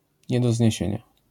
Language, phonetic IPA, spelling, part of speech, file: Polish, [ˌɲɛ‿dɔ‿zʲɲɛ̇ˈɕɛ̇̃ɲa], nie do zniesienia, adjectival phrase, LL-Q809 (pol)-nie do zniesienia.wav